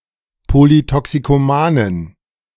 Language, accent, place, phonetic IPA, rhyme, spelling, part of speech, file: German, Germany, Berlin, [ˌpolitɔksikoˈmaːnən], -aːnən, polytoxikomanen, adjective, De-polytoxikomanen.ogg
- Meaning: inflection of polytoxikoman: 1. strong genitive masculine/neuter singular 2. weak/mixed genitive/dative all-gender singular 3. strong/weak/mixed accusative masculine singular 4. strong dative plural